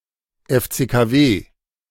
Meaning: initialism of Fluorchlorkohlenwasserstoff (“CFC”)
- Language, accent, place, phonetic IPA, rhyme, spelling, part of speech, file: German, Germany, Berlin, [ɛft͡seːkaˈveː], -eː, FCKW, abbreviation, De-FCKW.ogg